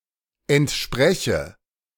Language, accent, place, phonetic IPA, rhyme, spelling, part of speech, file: German, Germany, Berlin, [ɛntˈʃpʁɛçə], -ɛçə, entspreche, verb, De-entspreche.ogg
- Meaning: inflection of entsprechen: 1. first-person singular present 2. first/third-person singular subjunctive I